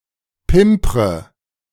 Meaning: inflection of pimpern: 1. first-person singular present 2. first/third-person singular subjunctive I 3. singular imperative
- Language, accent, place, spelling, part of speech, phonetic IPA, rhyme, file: German, Germany, Berlin, pimpre, verb, [ˈpɪmpʁə], -ɪmpʁə, De-pimpre.ogg